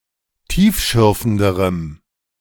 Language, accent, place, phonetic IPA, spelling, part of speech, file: German, Germany, Berlin, [ˈtiːfˌʃʏʁfn̩dəʁəm], tiefschürfenderem, adjective, De-tiefschürfenderem.ogg
- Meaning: strong dative masculine/neuter singular comparative degree of tiefschürfend